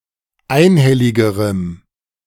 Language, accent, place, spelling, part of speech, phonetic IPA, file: German, Germany, Berlin, einhelligerem, adjective, [ˈaɪ̯nˌhɛlɪɡəʁəm], De-einhelligerem.ogg
- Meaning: strong dative masculine/neuter singular comparative degree of einhellig